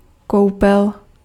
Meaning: bath
- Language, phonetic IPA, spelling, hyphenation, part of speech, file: Czech, [ˈkou̯pɛl], koupel, kou‧pel, noun, Cs-koupel.ogg